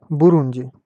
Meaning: Burundi (a country in East Africa)
- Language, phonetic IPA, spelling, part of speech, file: Russian, [bʊˈrunʲdʲɪ], Бурунди, proper noun, Ru-Бурунди.ogg